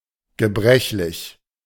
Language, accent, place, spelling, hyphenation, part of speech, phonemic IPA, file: German, Germany, Berlin, gebrechlich, ge‧brech‧lich, adjective, /ɡəˈbʁɛçlɪç/, De-gebrechlich.ogg
- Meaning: rickety, infirm, fragile